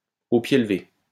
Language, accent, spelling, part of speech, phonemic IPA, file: French, France, au pied levé, adverb, /o pje l(ə).ve/, LL-Q150 (fra)-au pied levé.wav
- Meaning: at a moment's notice, at the last minute, without preparation